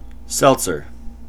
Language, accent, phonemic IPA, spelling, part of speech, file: English, US, /ˈsɛltsɚ/, seltzer, noun, En-us-seltzer.ogg
- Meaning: Ellipsis of seltzer water